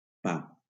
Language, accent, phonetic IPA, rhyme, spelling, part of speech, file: Catalan, Valencia, [ˈpa], -a, pa, noun, LL-Q7026 (cat)-pa.wav
- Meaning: bread